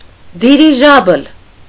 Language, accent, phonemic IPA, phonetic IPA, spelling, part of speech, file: Armenian, Eastern Armenian, /diɾiˈʒɑbəl/, [diɾiʒɑ́bəl], դիրիժաբլ, noun, Hy-դիրիժաբլ.ogg
- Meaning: dirigible balloon, airship